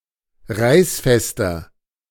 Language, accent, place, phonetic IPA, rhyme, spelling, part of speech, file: German, Germany, Berlin, [ˈʁaɪ̯sˌfɛstɐ], -aɪ̯sfɛstɐ, reißfester, adjective, De-reißfester.ogg
- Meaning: 1. comparative degree of reißfest 2. inflection of reißfest: strong/mixed nominative masculine singular 3. inflection of reißfest: strong genitive/dative feminine singular